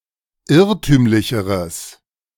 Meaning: strong/mixed nominative/accusative neuter singular comparative degree of irrtümlich
- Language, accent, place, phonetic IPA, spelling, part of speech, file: German, Germany, Berlin, [ˈɪʁtyːmlɪçəʁəs], irrtümlicheres, adjective, De-irrtümlicheres.ogg